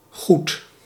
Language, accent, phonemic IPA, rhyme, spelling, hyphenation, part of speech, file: Dutch, Netherlands, /ɣut/, -ut, goed, goed, adjective / adverb / noun / verb, Nl-goed.ogg
- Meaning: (adjective) 1. good (not bad) 2. correct, right (factually or morally) 3. all right, fine 4. considerable (in amount or size) 5. at least as much as